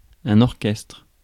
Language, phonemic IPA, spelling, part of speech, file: French, /ɔʁ.kɛstʁ/, orchestre, noun, Fr-orchestre.ogg
- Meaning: 1. orchestra, band 2. stalls (of cinema or theatre)